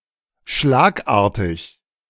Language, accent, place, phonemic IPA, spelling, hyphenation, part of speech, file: German, Germany, Berlin, /ˈʃlaːkˌʔaːɐ̯tɪç/, schlagartig, schlag‧ar‧tig, adjective / adverb, De-schlagartig.ogg
- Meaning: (adjective) abrupt; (adverb) abruptly